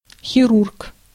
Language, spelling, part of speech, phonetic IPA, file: Russian, хирург, noun, [xʲɪˈrurk], Ru-хирург.ogg
- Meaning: surgeon